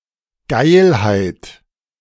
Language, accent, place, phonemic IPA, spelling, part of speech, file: German, Germany, Berlin, /ˈɡaɪ̯lhaɪ̯t/, Geilheit, noun, De-Geilheit.ogg
- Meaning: horniness